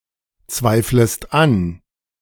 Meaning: second-person singular subjunctive I of anzweifeln
- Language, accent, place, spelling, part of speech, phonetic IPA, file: German, Germany, Berlin, zweiflest an, verb, [ˌt͡svaɪ̯fləst ˈan], De-zweiflest an.ogg